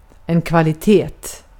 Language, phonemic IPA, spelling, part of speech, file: Swedish, /kvalɪˈteːt/, kvalitet, noun, Sv-kvalitet.ogg
- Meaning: 1. quality (level of excellence) 2. a quality, a property